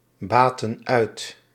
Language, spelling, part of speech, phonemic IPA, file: Dutch, baten uit, verb, /ˈbatə(n) ˈœyt/, Nl-baten uit.ogg
- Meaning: inflection of uitbaten: 1. plural present indicative 2. plural present subjunctive